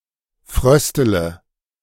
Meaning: inflection of frösteln: 1. first-person singular present 2. first-person plural subjunctive I 3. third-person singular subjunctive I 4. singular imperative
- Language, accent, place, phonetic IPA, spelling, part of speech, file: German, Germany, Berlin, [ˈfʁœstələ], fröstele, verb, De-fröstele.ogg